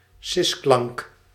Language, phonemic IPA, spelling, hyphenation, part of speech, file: Dutch, /ˈsɪsklɑŋk/, sisklank, sis‧klank, noun, Nl-sisklank.ogg
- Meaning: sibilant (consonant)